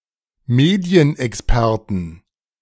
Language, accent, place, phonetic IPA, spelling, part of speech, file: German, Germany, Berlin, [ˈmeːdi̯ənʔɛksˌpɛʁtn̩], Medienexperten, noun, De-Medienexperten.ogg
- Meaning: 1. genitive singular of Medienexperte 2. plural of Medienexperte